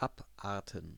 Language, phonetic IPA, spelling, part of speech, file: German, [ˈapˌʔaːɐ̯tn̩], Abarten, noun, De-Abarten.ogg
- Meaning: plural of Abart